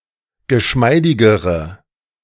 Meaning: inflection of geschmeidig: 1. strong/mixed nominative/accusative feminine singular comparative degree 2. strong nominative/accusative plural comparative degree
- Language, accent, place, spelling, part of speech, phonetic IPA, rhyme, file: German, Germany, Berlin, geschmeidigere, adjective, [ɡəˈʃmaɪ̯dɪɡəʁə], -aɪ̯dɪɡəʁə, De-geschmeidigere.ogg